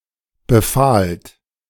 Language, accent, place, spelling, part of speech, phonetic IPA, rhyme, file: German, Germany, Berlin, befahlt, verb, [bəˈfaːlt], -aːlt, De-befahlt.ogg
- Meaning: second-person plural preterite of befehlen